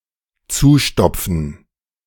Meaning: 1. to plug 2. to mend (i.e. a hole)
- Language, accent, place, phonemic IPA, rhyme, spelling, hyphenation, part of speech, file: German, Germany, Berlin, /ˈt͡suːˌʃtɔp͡fn̩/, -ɔp͡fn̩, zustopfen, zu‧stop‧fen, verb, De-zustopfen.ogg